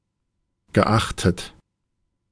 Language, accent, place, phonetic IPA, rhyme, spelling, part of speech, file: German, Germany, Berlin, [ɡəˈʔaxtət], -axtət, geachtet, adjective / verb, De-geachtet.ogg
- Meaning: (verb) past participle of achten; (adjective) esteemed, respected